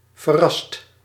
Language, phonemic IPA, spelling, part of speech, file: Dutch, /vəˈrɑst/, verrast, verb / adjective, Nl-verrast.ogg
- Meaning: 1. inflection of verrassen: second/third-person singular present indicative 2. inflection of verrassen: plural imperative 3. past participle of verrassen